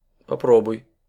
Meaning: second-person singular imperative perfective of попро́бовать (popróbovatʹ)
- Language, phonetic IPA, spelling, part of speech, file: Russian, [pɐˈprobʊj], попробуй, verb, Ru-попробуй.ogg